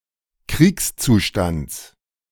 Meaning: genitive singular of Kriegszustand
- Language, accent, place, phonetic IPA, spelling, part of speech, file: German, Germany, Berlin, [ˈkʁiːkst͡suˌʃtant͡s], Kriegszustands, noun, De-Kriegszustands.ogg